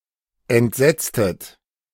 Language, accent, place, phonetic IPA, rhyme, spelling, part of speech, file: German, Germany, Berlin, [ɛntˈzɛt͡stət], -ɛt͡stət, entsetztet, verb, De-entsetztet.ogg
- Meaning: inflection of entsetzen: 1. second-person plural preterite 2. second-person plural subjunctive II